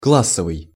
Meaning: class (social grouping, based on job, wealth, etc.)
- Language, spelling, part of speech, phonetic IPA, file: Russian, классовый, adjective, [ˈkɫas(ː)əvɨj], Ru-классовый.ogg